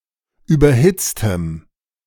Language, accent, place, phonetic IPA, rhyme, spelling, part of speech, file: German, Germany, Berlin, [ˌyːbɐˈhɪt͡stəm], -ɪt͡stəm, überhitztem, adjective, De-überhitztem.ogg
- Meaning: strong dative masculine/neuter singular of überhitzt